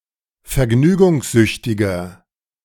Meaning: 1. comparative degree of vergnügungssüchtig 2. inflection of vergnügungssüchtig: strong/mixed nominative masculine singular
- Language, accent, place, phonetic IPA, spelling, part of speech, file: German, Germany, Berlin, [fɛɐ̯ˈɡnyːɡʊŋsˌzʏçtɪɡɐ], vergnügungssüchtiger, adjective, De-vergnügungssüchtiger.ogg